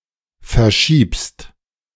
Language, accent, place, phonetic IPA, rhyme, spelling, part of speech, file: German, Germany, Berlin, [fɛɐ̯ˈʃiːpst], -iːpst, verschiebst, verb, De-verschiebst.ogg
- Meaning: second-person singular present of verschieben